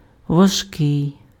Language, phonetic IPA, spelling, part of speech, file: Ukrainian, [ʋɐʒˈkɪi̯], важкий, adjective, Uk-важкий.ogg
- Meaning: 1. heavy 2. hard, difficult